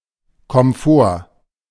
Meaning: 1. a state of relative luxury, ample sufficiency, especially with regard to mod cons 2. comfort, cosiness more generally
- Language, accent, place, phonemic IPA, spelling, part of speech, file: German, Germany, Berlin, /kɔmˈfoːr/, Komfort, noun, De-Komfort.ogg